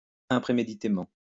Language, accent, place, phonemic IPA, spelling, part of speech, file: French, France, Lyon, /ɛ̃.pʁe.me.di.te.mɑ̃/, impréméditément, adverb, LL-Q150 (fra)-impréméditément.wav
- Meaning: unpremeditatedly